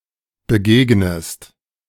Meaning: inflection of begegnen: 1. second-person singular present 2. second-person singular subjunctive I
- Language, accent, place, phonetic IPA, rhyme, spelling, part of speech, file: German, Germany, Berlin, [bəˈɡeːɡnəst], -eːɡnəst, begegnest, verb, De-begegnest.ogg